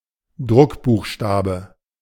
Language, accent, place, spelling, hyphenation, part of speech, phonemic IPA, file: German, Germany, Berlin, Druckbuchstabe, Druck‧buch‧sta‧be, noun, /ˈdʁʊkbuːxˌʃtaːbə/, De-Druckbuchstabe.ogg
- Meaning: 1. printed character, block letter 2. print